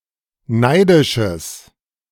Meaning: strong/mixed nominative/accusative neuter singular of neidisch
- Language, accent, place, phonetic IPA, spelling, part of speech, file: German, Germany, Berlin, [ˈnaɪ̯dɪʃəs], neidisches, adjective, De-neidisches.ogg